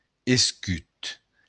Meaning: shield
- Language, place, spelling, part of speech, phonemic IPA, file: Occitan, Béarn, escut, noun, /esˈkyt/, LL-Q14185 (oci)-escut.wav